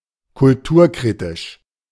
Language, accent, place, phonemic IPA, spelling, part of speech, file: German, Germany, Berlin, /kʊlˈtuːɐ̯ˌkʁiːtɪʃ/, kulturkritisch, adjective, De-kulturkritisch.ogg
- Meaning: critical of (contemporary) culture